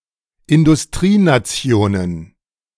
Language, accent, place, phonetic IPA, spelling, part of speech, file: German, Germany, Berlin, [ɪndʊsˈtʁiːnaˌt͡si̯oːnən], Industrienationen, noun, De-Industrienationen.ogg
- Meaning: plural of Industrienation